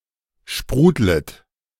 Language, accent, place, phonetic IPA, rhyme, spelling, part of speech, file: German, Germany, Berlin, [ˈʃpʁuːdlət], -uːdlət, sprudlet, verb, De-sprudlet.ogg
- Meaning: second-person plural subjunctive I of sprudeln